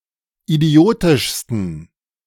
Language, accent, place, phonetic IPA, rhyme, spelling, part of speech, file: German, Germany, Berlin, [iˈdi̯oːtɪʃstn̩], -oːtɪʃstn̩, idiotischsten, adjective, De-idiotischsten.ogg
- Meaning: 1. superlative degree of idiotisch 2. inflection of idiotisch: strong genitive masculine/neuter singular superlative degree